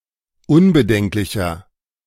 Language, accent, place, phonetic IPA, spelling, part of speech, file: German, Germany, Berlin, [ˈʊnbəˌdɛŋklɪçɐ], unbedenklicher, adjective, De-unbedenklicher.ogg
- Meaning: 1. comparative degree of unbedenklich 2. inflection of unbedenklich: strong/mixed nominative masculine singular 3. inflection of unbedenklich: strong genitive/dative feminine singular